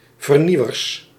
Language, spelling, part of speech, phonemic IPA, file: Dutch, vernieuwers, noun, /vərˈniwərs/, Nl-vernieuwers.ogg
- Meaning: plural of vernieuwer